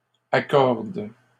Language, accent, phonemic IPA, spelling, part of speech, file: French, Canada, /a.kɔʁd/, accordes, verb, LL-Q150 (fra)-accordes.wav
- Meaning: second-person singular present indicative/subjunctive of accorder